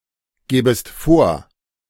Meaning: second-person singular subjunctive II of vorgeben
- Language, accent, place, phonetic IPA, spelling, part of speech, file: German, Germany, Berlin, [ˌɡɛːbəst ˈfoːɐ̯], gäbest vor, verb, De-gäbest vor.ogg